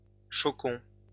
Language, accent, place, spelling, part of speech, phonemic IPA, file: French, France, Lyon, choquons, verb, /ʃɔ.kɔ̃/, LL-Q150 (fra)-choquons.wav
- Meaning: inflection of choquer: 1. first-person plural present indicative 2. first-person plural imperative